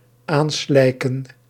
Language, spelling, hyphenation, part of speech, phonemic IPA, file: Dutch, aanslijken, aan‧slij‧ken, verb, /ˈaːnˌslɛi̯.kə(n)/, Nl-aanslijken.ogg
- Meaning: 1. to be expanded or replenished by mud deposits; to form from mud deposits 2. to be clogged by mud deposits